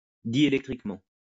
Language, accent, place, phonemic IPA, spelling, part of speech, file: French, France, Lyon, /dje.lɛk.tʁik.mɑ̃/, diélectriquement, adverb, LL-Q150 (fra)-diélectriquement.wav
- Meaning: dielectrically